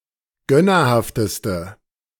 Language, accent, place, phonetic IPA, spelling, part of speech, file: German, Germany, Berlin, [ˈɡœnɐˌhaftəstə], gönnerhafteste, adjective, De-gönnerhafteste.ogg
- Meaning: inflection of gönnerhaft: 1. strong/mixed nominative/accusative feminine singular superlative degree 2. strong nominative/accusative plural superlative degree